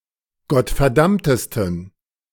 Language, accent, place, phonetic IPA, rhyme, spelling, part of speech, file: German, Germany, Berlin, [ɡɔtfɛɐ̯ˈdamtəstn̩], -amtəstn̩, gottverdammtesten, adjective, De-gottverdammtesten.ogg
- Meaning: 1. superlative degree of gottverdammt 2. inflection of gottverdammt: strong genitive masculine/neuter singular superlative degree